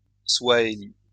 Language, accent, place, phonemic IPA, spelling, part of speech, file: French, France, Lyon, /swa.e.li/, souahéli, noun / adjective, LL-Q150 (fra)-souahéli.wav
- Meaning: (noun) alternative spelling of swahili